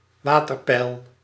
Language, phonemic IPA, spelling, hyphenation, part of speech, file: Dutch, /ˈʋaː.tər.ˌpɛi̯l/, waterpeil, wa‧ter‧peil, noun, Nl-waterpeil.ogg
- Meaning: water level